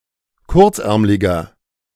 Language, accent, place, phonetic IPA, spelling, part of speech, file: German, Germany, Berlin, [ˈkʊʁt͡sˌʔɛʁmlɪɡɐ], kurzärmliger, adjective, De-kurzärmliger.ogg
- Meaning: inflection of kurzärmlig: 1. strong/mixed nominative masculine singular 2. strong genitive/dative feminine singular 3. strong genitive plural